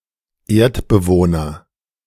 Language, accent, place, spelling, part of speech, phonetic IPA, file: German, Germany, Berlin, Erdbewohner, noun, [ˈeːɐ̯tbəˌvoːnɐ], De-Erdbewohner.ogg
- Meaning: inhabitant of the planet Earth